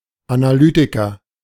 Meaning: analyst, analyser
- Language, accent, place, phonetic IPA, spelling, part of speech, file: German, Germany, Berlin, [anaˈlyːtɪkɐ], Analytiker, noun, De-Analytiker.ogg